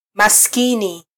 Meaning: poor (with no possessions or money)
- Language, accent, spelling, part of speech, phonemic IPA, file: Swahili, Kenya, maskini, adjective, /mɑsˈki.ni/, Sw-ke-maskini.flac